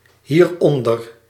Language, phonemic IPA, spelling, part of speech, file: Dutch, /hirˈɔndər/, hieronder, adverb, Nl-hieronder.ogg
- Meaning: pronominal adverb form of onder + dit